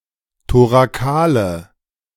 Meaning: inflection of thorakal: 1. strong/mixed nominative/accusative feminine singular 2. strong nominative/accusative plural 3. weak nominative all-gender singular
- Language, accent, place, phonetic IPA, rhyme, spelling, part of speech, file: German, Germany, Berlin, [toʁaˈkaːlə], -aːlə, thorakale, adjective, De-thorakale.ogg